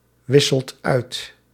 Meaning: inflection of uitwisselen: 1. second/third-person singular present indicative 2. plural imperative
- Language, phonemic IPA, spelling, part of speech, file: Dutch, /ˈwɪsəlt ˈœyt/, wisselt uit, verb, Nl-wisselt uit.ogg